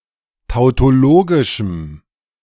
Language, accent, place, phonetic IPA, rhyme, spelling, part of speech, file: German, Germany, Berlin, [taʊ̯toˈloːɡɪʃm̩], -oːɡɪʃm̩, tautologischem, adjective, De-tautologischem.ogg
- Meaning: strong dative masculine/neuter singular of tautologisch